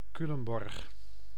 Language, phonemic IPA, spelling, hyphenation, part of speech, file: Dutch, /ˈky.ləmˌbɔrx/, Culemborg, Cu‧lem‧borg, proper noun, Nl-Culemborg.ogg
- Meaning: Culemborg (a city and municipality of Gelderland, Netherlands)